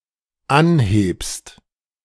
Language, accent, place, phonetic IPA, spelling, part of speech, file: German, Germany, Berlin, [ˈanˌheːpst], anhebst, verb, De-anhebst.ogg
- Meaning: second-person singular dependent present of anheben